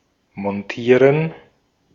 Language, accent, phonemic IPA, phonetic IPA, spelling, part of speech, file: German, Austria, /mɔnˈtiːʁən/, [mɔnˈtʰiːɐ̯n], montieren, verb, De-at-montieren.ogg
- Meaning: to mount, to set up